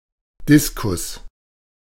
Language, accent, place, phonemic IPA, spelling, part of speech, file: German, Germany, Berlin, /ˈdɪskʊs/, Diskus, noun, De-Diskus.ogg
- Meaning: discus (round plate-like object for throwing)